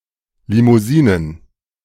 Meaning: plural of Limousine
- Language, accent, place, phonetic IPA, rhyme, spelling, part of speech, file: German, Germany, Berlin, [limuˈziːnən], -iːnən, Limousinen, noun, De-Limousinen.ogg